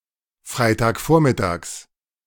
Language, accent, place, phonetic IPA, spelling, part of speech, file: German, Germany, Berlin, [ˈfʁaɪ̯taːkˌfoːɐ̯mɪtaːks], Freitagvormittags, noun, De-Freitagvormittags.ogg
- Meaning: genitive of Freitagvormittag